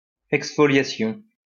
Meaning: exfoliation
- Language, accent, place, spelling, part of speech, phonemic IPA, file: French, France, Lyon, exfoliation, noun, /ɛks.fɔ.lja.sjɔ̃/, LL-Q150 (fra)-exfoliation.wav